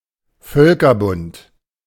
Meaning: League of Nations
- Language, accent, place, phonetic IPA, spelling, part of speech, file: German, Germany, Berlin, [ˈfœlkɐˌbʊnt], Völkerbund, noun, De-Völkerbund.ogg